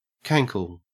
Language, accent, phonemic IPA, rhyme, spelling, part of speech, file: English, Australia, /ˈkæŋkəl/, -æŋkəl, cankle, noun, En-au-cankle.ogg
- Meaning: An obese or otherwise swollen ankle that blends into the calf without clear demarcation